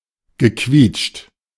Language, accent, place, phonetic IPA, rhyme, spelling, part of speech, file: German, Germany, Berlin, [ɡəˈkviːt͡ʃt], -iːt͡ʃt, gequietscht, verb, De-gequietscht.ogg
- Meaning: past participle of quietschen